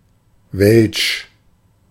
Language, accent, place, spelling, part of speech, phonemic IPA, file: German, Germany, Berlin, welsch, adjective, /vɛlʃ/, De-welsch.ogg
- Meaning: 1. of the Romance-speaking areas and population of Switzerland 2. Romance (of the Romance languages and their speakers in general, particularly French and Italians) 3. foreign, not native